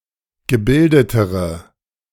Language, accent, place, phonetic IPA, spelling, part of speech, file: German, Germany, Berlin, [ɡəˈbɪldətəʁə], gebildetere, adjective, De-gebildetere.ogg
- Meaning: inflection of gebildet: 1. strong/mixed nominative/accusative feminine singular comparative degree 2. strong nominative/accusative plural comparative degree